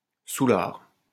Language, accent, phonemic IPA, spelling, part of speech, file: French, France, /su.laʁ/, soulard, noun, LL-Q150 (fra)-soulard.wav
- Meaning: post-1990 spelling of soûlard